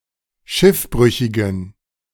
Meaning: inflection of Schiffbrüchiger: 1. strong/weak/mixed genitive singular 2. weak/mixed dative singular 3. strong/weak/mixed accusative singular 4. strong dative plural 5. weak/mixed all-case plural
- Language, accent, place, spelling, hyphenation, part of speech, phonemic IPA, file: German, Germany, Berlin, Schiffbrüchigen, Schiff‧brü‧chi‧gen, noun, /ˈʃɪfˌbʁʏçɪɡən/, De-Schiffbrüchigen.ogg